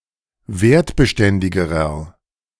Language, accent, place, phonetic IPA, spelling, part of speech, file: German, Germany, Berlin, [ˈveːɐ̯tbəˌʃtɛndɪɡəʁɐ], wertbeständigerer, adjective, De-wertbeständigerer.ogg
- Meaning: inflection of wertbeständig: 1. strong/mixed nominative masculine singular comparative degree 2. strong genitive/dative feminine singular comparative degree